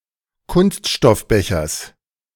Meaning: genitive singular of Kunststoffbecher
- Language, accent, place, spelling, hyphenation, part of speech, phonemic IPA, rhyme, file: German, Germany, Berlin, Kunststoffbechers, Kunst‧stoff‧be‧chers, noun, /ˈkʊnstʃtɔfˌbɛçɐs/, -ɛçɐs, De-Kunststoffbechers.ogg